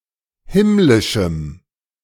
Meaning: strong dative masculine/neuter singular of himmlisch
- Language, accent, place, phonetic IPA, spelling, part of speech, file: German, Germany, Berlin, [ˈhɪmlɪʃm̩], himmlischem, adjective, De-himmlischem.ogg